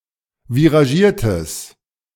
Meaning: strong/mixed nominative/accusative neuter singular of viragiert
- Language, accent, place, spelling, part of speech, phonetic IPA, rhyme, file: German, Germany, Berlin, viragiertes, adjective, [viʁaˈʒiːɐ̯təs], -iːɐ̯təs, De-viragiertes.ogg